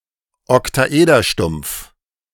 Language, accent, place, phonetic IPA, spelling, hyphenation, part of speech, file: German, Germany, Berlin, [ɔktaˈʔeːdɐˌʃtʊm(p)f], Oktaederstumpf, Ok‧ta‧eder‧stumpf, noun, De-Oktaederstumpf.ogg
- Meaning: truncated octahedron